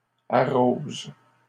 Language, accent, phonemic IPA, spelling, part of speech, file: French, Canada, /a.ʁoz/, arrosent, verb, LL-Q150 (fra)-arrosent.wav
- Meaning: third-person plural present indicative/subjunctive of arroser